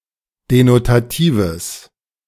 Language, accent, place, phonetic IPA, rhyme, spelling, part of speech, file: German, Germany, Berlin, [denotaˈtiːvəs], -iːvəs, denotatives, adjective, De-denotatives.ogg
- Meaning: strong/mixed nominative/accusative neuter singular of denotativ